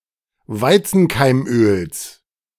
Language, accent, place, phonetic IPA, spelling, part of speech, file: German, Germany, Berlin, [ˈvaɪ̯t͡sn̩kaɪ̯mˌʔøːls], Weizenkeimöls, noun, De-Weizenkeimöls.ogg
- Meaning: genitive of Weizenkeimöl